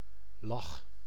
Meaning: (noun) 1. smile 2. laugh; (verb) inflection of lachen: 1. first-person singular present indicative 2. second-person singular present indicative 3. imperative
- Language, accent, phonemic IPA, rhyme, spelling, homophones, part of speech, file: Dutch, Netherlands, /lɑx/, -ɑx, lach, lag, noun / verb, Nl-lach.ogg